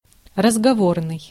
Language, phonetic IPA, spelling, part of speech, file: Russian, [rəzɡɐˈvornɨj], разговорный, adjective, Ru-разговорный.ogg
- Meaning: 1. colloquial (relating to oral communication language) 2. conversational, spoken